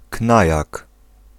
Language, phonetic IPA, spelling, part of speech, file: Polish, [ˈknajak], knajak, noun, Pl-knajak.ogg